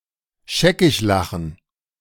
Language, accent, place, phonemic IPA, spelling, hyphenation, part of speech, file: German, Germany, Berlin, /ˈʃɛkɪçˌlaxn̩/, scheckiglachen, sche‧ckig‧la‧chen, verb, De-scheckiglachen.ogg
- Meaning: to laugh one's head off